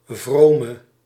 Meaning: inflection of vroom: 1. indefinite masculine and feminine singular 2. indefinite plural 3. definite
- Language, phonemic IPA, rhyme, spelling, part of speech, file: Dutch, /ˈvroː.mə/, -oːmə, vrome, adjective, Nl-vrome.ogg